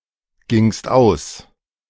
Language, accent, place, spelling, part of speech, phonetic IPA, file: German, Germany, Berlin, gingst aus, verb, [ˌɡɪŋst ˈaʊ̯s], De-gingst aus.ogg
- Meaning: second-person singular preterite of ausgehen